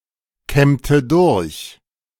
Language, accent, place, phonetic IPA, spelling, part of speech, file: German, Germany, Berlin, [ˌkɛmtə ˈdʊʁç], kämmte durch, verb, De-kämmte durch.ogg
- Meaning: inflection of durchkämmen: 1. first/third-person singular preterite 2. first/third-person singular subjunctive II